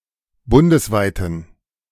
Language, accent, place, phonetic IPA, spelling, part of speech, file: German, Germany, Berlin, [ˈbʊndəsˌvaɪ̯tn̩], bundesweiten, adjective, De-bundesweiten.ogg
- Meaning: inflection of bundesweit: 1. strong genitive masculine/neuter singular 2. weak/mixed genitive/dative all-gender singular 3. strong/weak/mixed accusative masculine singular 4. strong dative plural